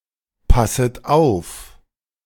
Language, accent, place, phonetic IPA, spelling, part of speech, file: German, Germany, Berlin, [ˌpasət ˈaʊ̯f], passet auf, verb, De-passet auf.ogg
- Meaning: second-person plural subjunctive I of aufpassen